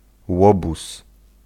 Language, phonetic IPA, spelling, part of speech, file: Polish, [ˈwɔbus], łobuz, noun, Pl-łobuz.ogg